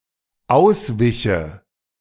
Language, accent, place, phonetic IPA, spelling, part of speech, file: German, Germany, Berlin, [ˈaʊ̯sˌvɪçə], auswiche, verb, De-auswiche.ogg
- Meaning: first/third-person singular dependent subjunctive II of ausweichen